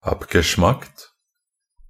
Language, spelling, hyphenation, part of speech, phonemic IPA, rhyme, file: Norwegian Bokmål, abgeschmackt, ab‧ge‧schmackt, adjective, /apɡəˈʃmakt/, -akt, Nb-abgeschmackt.ogg
- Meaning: abgeschmackt; disgusting, gross, tasteless